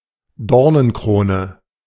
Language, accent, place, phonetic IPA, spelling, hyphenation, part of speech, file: German, Germany, Berlin, [ˈdɔʁnənˌkʁoːnə], Dornenkrone, Dor‧nen‧kro‧ne, noun, De-Dornenkrone.ogg
- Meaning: crown of thorns